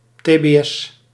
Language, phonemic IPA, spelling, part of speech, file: Dutch, /ˌtebeˈʔɛs/, tbs, noun, Nl-tbs.ogg
- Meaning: initialism of terbeschikkingstelling